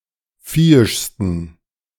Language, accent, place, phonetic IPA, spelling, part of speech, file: German, Germany, Berlin, [ˈfiːɪʃstn̩], viehischsten, adjective, De-viehischsten.ogg
- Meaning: 1. superlative degree of viehisch 2. inflection of viehisch: strong genitive masculine/neuter singular superlative degree